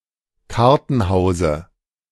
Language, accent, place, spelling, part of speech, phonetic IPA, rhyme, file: German, Germany, Berlin, Kartenhause, noun, [ˈkaʁtn̩ˌhaʊ̯zə], -aʁtn̩haʊ̯zə, De-Kartenhause.ogg
- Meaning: dative singular of Kartenhaus